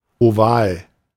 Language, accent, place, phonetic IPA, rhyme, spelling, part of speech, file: German, Germany, Berlin, [oˈvaːl], -aːl, oval, adjective, De-oval.ogg
- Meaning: oval